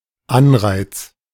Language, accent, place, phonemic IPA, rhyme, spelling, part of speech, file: German, Germany, Berlin, /ˈanʁaɪ̯t͡s/, -aɪ̯t͡s, Anreiz, noun, De-Anreiz.ogg
- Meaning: incentive